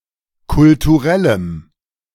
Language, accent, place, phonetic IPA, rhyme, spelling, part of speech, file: German, Germany, Berlin, [kʊltuˈʁɛləm], -ɛləm, kulturellem, adjective, De-kulturellem.ogg
- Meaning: strong dative masculine/neuter singular of kulturell